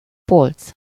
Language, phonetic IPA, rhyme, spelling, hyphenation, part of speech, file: Hungarian, [ˈpolt͡s], -olt͡s, polc, polc, noun, Hu-polc.ogg
- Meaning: shelf